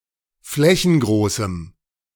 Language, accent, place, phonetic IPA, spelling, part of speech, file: German, Germany, Berlin, [ˈflɛçn̩ˌɡʁoːsm̩], flächengroßem, adjective, De-flächengroßem.ogg
- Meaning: strong dative masculine/neuter singular of flächengroß